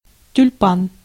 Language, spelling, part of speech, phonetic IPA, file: Russian, тюльпан, noun, [tʲʉlʲˈpan], Ru-тюльпан.ogg
- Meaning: tulip